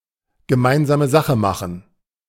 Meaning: to make common cause
- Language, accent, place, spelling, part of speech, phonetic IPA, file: German, Germany, Berlin, gemeinsame Sache machen, verb, [ɡəˈmaɪ̯nzaːmə ˈzaxə ˈmaxn̩], De-gemeinsame Sache machen.ogg